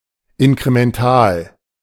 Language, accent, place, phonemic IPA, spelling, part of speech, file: German, Germany, Berlin, /ɪnkʁemɛnˈtaːl/, inkremental, adjective, De-inkremental.ogg
- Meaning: alternative form of inkrementell